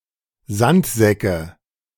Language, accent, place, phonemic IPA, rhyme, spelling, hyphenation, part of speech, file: German, Germany, Berlin, /ˈzantˌzɛkə/, -ɛkə, Sandsäcke, Sand‧sä‧cke, noun, De-Sandsäcke.ogg
- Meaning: nominative/accusative/genitive plural of Sandsack